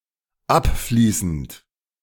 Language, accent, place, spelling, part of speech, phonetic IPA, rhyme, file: German, Germany, Berlin, abfließend, adjective / verb, [ˈapˌfliːsn̩t], -apfliːsn̩t, De-abfließend.ogg
- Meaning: present participle of abfließen